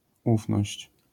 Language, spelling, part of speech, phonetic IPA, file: Polish, ufność, noun, [ˈufnɔɕt͡ɕ], LL-Q809 (pol)-ufność.wav